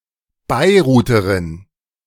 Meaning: female equivalent of Beiruter
- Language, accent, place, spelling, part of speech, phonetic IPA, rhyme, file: German, Germany, Berlin, Beiruterin, noun, [ˌbaɪ̯ˈʁuːtəʁɪn], -uːtəʁɪn, De-Beiruterin.ogg